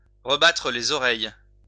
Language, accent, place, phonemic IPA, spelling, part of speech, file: French, France, Lyon, /ʁə.ba.tʁə le.z‿ɔ.ʁɛj/, rebattre les oreilles, verb, LL-Q150 (fra)-rebattre les oreilles.wav
- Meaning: to harp on about something, to talk someone's ear off, to bend someone's ear